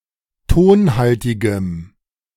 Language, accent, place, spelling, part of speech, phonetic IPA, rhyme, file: German, Germany, Berlin, tonhaltigem, adjective, [ˈtoːnˌhaltɪɡəm], -oːnhaltɪɡəm, De-tonhaltigem.ogg
- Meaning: strong dative masculine/neuter singular of tonhaltig